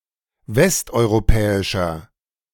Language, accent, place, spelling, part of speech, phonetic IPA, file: German, Germany, Berlin, westeuropäischer, adjective, [ˈvɛstʔɔɪ̯ʁoˌpɛːɪʃɐ], De-westeuropäischer.ogg
- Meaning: inflection of westeuropäisch: 1. strong/mixed nominative masculine singular 2. strong genitive/dative feminine singular 3. strong genitive plural